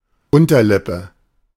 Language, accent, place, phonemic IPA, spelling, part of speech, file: German, Germany, Berlin, /ˈʊntɐˌlɪpə/, Unterlippe, noun, De-Unterlippe.ogg
- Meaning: lower lip, underlip